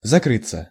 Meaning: to close, to shut
- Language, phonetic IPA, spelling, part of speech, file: Russian, [zɐˈkrɨt͡sːə], закрыться, verb, Ru-закрыться.ogg